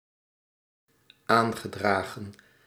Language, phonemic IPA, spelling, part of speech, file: Dutch, /ˈaŋɣəˌdraɣə(n)/, aangedragen, verb, Nl-aangedragen.ogg
- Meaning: past participle of aandragen